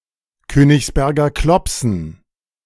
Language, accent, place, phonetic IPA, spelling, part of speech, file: German, Germany, Berlin, [ˈkøːnɪçsˌbɛʁɡɐ ˈklɔpsn̩], Königsberger Klopsen, noun, De-Königsberger Klopsen.ogg
- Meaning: dative plural of Königsberger Klopse